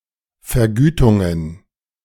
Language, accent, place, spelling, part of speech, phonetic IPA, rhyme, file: German, Germany, Berlin, Vergütungen, noun, [fɛɐ̯ˈɡyːtʊŋən], -yːtʊŋən, De-Vergütungen.ogg
- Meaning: plural of Vergütung